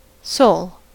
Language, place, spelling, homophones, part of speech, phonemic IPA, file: English, California, sole, Seoul / sowl, adjective / noun / verb, /soʊl/, En-us-sole.ogg
- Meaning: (adjective) 1. Only 2. Unmarried (especially of a woman); widowed 3. Unique; unsurpassed 4. With independent power; unfettered; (noun) The bottom or plantar surface of the foot